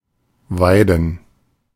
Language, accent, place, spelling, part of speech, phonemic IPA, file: German, Germany, Berlin, Weiden, noun / proper noun, /ˈvaɪ̯dn̩/, De-Weiden.ogg
- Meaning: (noun) 1. plural of Weide 2. gerund of weiden; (proper noun) ellipsis of Weiden in der Oberpfalz